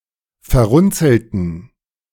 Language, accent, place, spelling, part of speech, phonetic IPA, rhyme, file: German, Germany, Berlin, verrunzelten, adjective / verb, [fɛɐ̯ˈʁʊnt͡sl̩tn̩], -ʊnt͡sl̩tn̩, De-verrunzelten.ogg
- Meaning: inflection of verrunzelt: 1. strong genitive masculine/neuter singular 2. weak/mixed genitive/dative all-gender singular 3. strong/weak/mixed accusative masculine singular 4. strong dative plural